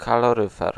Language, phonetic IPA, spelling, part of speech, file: Polish, [ˌkalɔˈrɨfɛr], kaloryfer, noun, Pl-kaloryfer.ogg